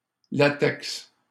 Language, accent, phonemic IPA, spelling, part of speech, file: French, Canada, /la.tɛks/, latex, noun, LL-Q150 (fra)-latex.wav
- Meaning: 1. latex (milky sap of trees) 2. latex (emulsion of rubber in water)